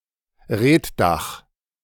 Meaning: reed-thatched roof
- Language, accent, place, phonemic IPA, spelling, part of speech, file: German, Germany, Berlin, /ˈʁeːtˌdaχ/, Reetdach, noun, De-Reetdach.ogg